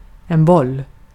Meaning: 1. a ball; a more or less spherical object which is not hard or unyielding (compare kula) 2. a ball (pass) 3. a ball (testicle) 4. head
- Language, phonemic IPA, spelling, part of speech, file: Swedish, /bɔl/, boll, noun, Sv-boll.ogg